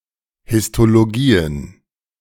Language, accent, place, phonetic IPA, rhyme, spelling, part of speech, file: German, Germany, Berlin, [hɪstoloˈɡiːən], -iːən, Histologien, noun, De-Histologien.ogg
- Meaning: plural of Histologie